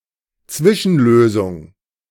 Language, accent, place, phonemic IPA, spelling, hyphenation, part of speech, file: German, Germany, Berlin, /ˈtsvɪʃn̩ˌløːzʊŋ/, Zwischenlösung, Zwi‧schen‧lö‧sung, noun, De-Zwischenlösung.ogg
- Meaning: interim solution, temporary solution